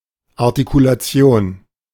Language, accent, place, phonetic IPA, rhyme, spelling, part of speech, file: German, Germany, Berlin, [ˌaʁtikulaˈt͡si̯oːn], -oːn, Artikulation, noun, De-Artikulation.ogg
- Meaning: 1. articulation (clarity of speech) 2. articulation